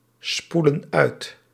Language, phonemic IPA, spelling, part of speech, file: Dutch, /ˈspulə(n) ˈœyt/, spoelen uit, verb, Nl-spoelen uit.ogg
- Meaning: inflection of uitspoelen: 1. plural present indicative 2. plural present subjunctive